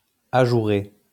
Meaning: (verb) past participle of ajourer; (adjective) openwork; perforated, fretted
- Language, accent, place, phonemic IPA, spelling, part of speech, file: French, France, Lyon, /a.ʒu.ʁe/, ajouré, verb / adjective, LL-Q150 (fra)-ajouré.wav